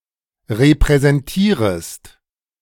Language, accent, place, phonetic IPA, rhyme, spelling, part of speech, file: German, Germany, Berlin, [ʁepʁɛzɛnˈtiːʁəst], -iːʁəst, repräsentierest, verb, De-repräsentierest.ogg
- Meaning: second-person singular subjunctive I of repräsentieren